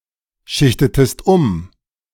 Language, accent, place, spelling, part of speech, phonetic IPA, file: German, Germany, Berlin, schichtetest um, verb, [ˌʃɪçtətəst ˈʊm], De-schichtetest um.ogg
- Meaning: inflection of umschichten: 1. second-person singular preterite 2. second-person singular subjunctive II